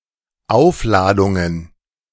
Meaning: plural of Aufladung
- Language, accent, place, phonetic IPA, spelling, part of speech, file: German, Germany, Berlin, [ˈaʊ̯fˌlaːdʊŋən], Aufladungen, noun, De-Aufladungen.ogg